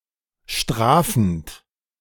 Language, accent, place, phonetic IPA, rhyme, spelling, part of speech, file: German, Germany, Berlin, [ˈʃtʁaːfn̩t], -aːfn̩t, strafend, verb, De-strafend.ogg
- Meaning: present participle of strafen